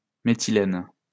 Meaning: methylene
- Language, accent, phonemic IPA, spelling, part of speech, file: French, France, /me.ti.lɛn/, méthylène, noun, LL-Q150 (fra)-méthylène.wav